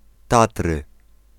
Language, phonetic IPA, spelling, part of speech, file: Polish, [ˈtatrɨ], Tatry, proper noun, Pl-Tatry.ogg